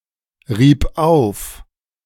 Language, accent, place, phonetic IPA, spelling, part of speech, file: German, Germany, Berlin, [ˌʁiːp ˈaʊ̯f], rieb auf, verb, De-rieb auf.ogg
- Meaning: first/third-person singular preterite of aufreiben